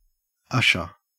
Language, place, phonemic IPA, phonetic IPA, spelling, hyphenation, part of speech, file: English, Queensland, /ˈʌʃəɹ/, [ˈɐʃ.ə(ɹ)], usher, ush‧er, noun / verb, En-au-usher.ogg
- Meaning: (noun) 1. A person, in a church, cinema etc., who escorts people to their seats 2. A male escort at a wedding 3. A doorkeeper in a courtroom